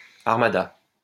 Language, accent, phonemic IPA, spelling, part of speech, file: French, France, /aʁ.ma.da/, armada, noun, LL-Q150 (fra)-armada.wav
- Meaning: armada (fleet of warships)